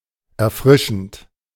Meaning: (verb) present participle of erfrischen; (adjective) 1. refreshing, freshening, recreating, bracing 2. exhilarant
- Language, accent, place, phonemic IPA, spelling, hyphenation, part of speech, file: German, Germany, Berlin, /ɛɐ̯ˈfʁɪʃn̩t/, erfrischend, er‧fri‧schend, verb / adjective, De-erfrischend.ogg